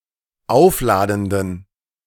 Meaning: inflection of aufladend: 1. strong genitive masculine/neuter singular 2. weak/mixed genitive/dative all-gender singular 3. strong/weak/mixed accusative masculine singular 4. strong dative plural
- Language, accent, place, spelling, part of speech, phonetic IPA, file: German, Germany, Berlin, aufladenden, adjective, [ˈaʊ̯fˌlaːdn̩dən], De-aufladenden.ogg